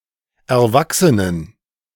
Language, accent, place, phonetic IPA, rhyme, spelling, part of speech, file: German, Germany, Berlin, [ɛɐ̯ˈvaksənən], -aksənən, Erwachsenen, noun, De-Erwachsenen.ogg
- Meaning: inflection of Erwachsener: 1. strong genitive/accusative singular 2. strong dative plural 3. weak/mixed genitive/dative/accusative singular 4. weak/mixed all-case plural